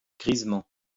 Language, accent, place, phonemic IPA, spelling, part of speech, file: French, France, Lyon, /ɡʁiz.mɑ̃/, grisement, adverb, LL-Q150 (fra)-grisement.wav
- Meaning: 1. greyly, grayly 2. tipsily